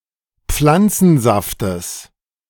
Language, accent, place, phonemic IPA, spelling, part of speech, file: German, Germany, Berlin, /ˈp͡flant͡sn̩ˌzaftəs/, Pflanzensaftes, noun, De-Pflanzensaftes.ogg
- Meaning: genitive singular of Pflanzensaft